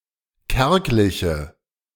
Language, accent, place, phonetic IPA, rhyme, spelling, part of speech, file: German, Germany, Berlin, [ˈkɛʁklɪçə], -ɛʁklɪçə, kärgliche, adjective, De-kärgliche.ogg
- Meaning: inflection of kärglich: 1. strong/mixed nominative/accusative feminine singular 2. strong nominative/accusative plural 3. weak nominative all-gender singular